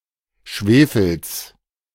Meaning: genitive singular of Schwefel
- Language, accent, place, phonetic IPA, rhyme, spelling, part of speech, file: German, Germany, Berlin, [ˈʃveːfl̩s], -eːfl̩s, Schwefels, noun, De-Schwefels.ogg